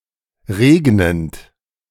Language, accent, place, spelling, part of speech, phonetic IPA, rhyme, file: German, Germany, Berlin, regnend, verb, [ˈʁeːɡnənt], -eːɡnənt, De-regnend.ogg
- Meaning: present participle of regnen